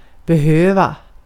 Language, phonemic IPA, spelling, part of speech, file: Swedish, /bɛˈhøːva/, behöva, verb, Sv-behöva.ogg
- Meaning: to need